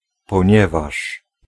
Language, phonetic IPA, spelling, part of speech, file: Polish, [pɔ̃ˈɲɛvaʃ], ponieważ, conjunction, Pl-ponieważ.ogg